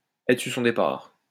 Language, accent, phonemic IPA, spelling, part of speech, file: French, France, /ɛ.tʁə syʁ sɔ̃ de.paʁ/, être sur son départ, verb, LL-Q150 (fra)-être sur son départ.wav
- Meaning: to be about to leave, to be on the way out